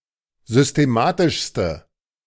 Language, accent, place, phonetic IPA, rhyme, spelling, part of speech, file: German, Germany, Berlin, [zʏsteˈmaːtɪʃstə], -aːtɪʃstə, systematischste, adjective, De-systematischste.ogg
- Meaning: inflection of systematisch: 1. strong/mixed nominative/accusative feminine singular superlative degree 2. strong nominative/accusative plural superlative degree